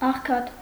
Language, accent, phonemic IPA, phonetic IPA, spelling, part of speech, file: Armenian, Eastern Armenian, /ɑχˈkʰɑt/, [ɑχkʰɑ́t], աղքատ, adjective / noun, Hy-աղքատ.ogg
- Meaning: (adjective) 1. poor, indigent 2. scant, scanty, poor, pathetic; meagre, wretched; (noun) poor man, pauper